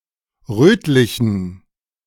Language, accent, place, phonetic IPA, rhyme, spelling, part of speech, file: German, Germany, Berlin, [ˈʁøːtlɪçn̩], -øːtlɪçn̩, rötlichen, adjective, De-rötlichen.ogg
- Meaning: inflection of rötlich: 1. strong genitive masculine/neuter singular 2. weak/mixed genitive/dative all-gender singular 3. strong/weak/mixed accusative masculine singular 4. strong dative plural